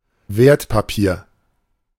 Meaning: security (e.g. negotiable instruments, stocks, bonds, or other financial assets.)
- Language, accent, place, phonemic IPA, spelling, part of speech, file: German, Germany, Berlin, /ˈveːɐ̯tpapiːɐ̯/, Wertpapier, noun, De-Wertpapier.ogg